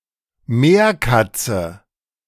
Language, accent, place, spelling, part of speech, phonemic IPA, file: German, Germany, Berlin, Meerkatze, noun, /ˈmeːrˌkatsə/, De-Meerkatze.ogg
- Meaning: guenon (kind of monkey)